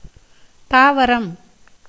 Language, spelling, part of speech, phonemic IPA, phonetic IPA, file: Tamil, தாவரம், noun, /t̪ɑːʋɐɾɐm/, [t̪äːʋɐɾɐm], Ta-தாவரம்.ogg
- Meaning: plant